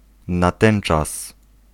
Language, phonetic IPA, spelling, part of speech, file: Polish, [naˈtɛ̃n͇t͡ʃas], natenczas, pronoun, Pl-natenczas.ogg